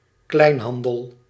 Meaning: 1. retail trade, the retail sector 2. a retail shop, a retail store
- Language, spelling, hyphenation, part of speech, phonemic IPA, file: Dutch, kleinhandel, klein‧han‧del, noun, /ˈklɛi̯nˌɦɑn.dəl/, Nl-kleinhandel.ogg